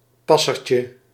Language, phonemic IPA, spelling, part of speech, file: Dutch, /ˈpɑsərcə/, passertje, noun, Nl-passertje.ogg
- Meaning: diminutive of passer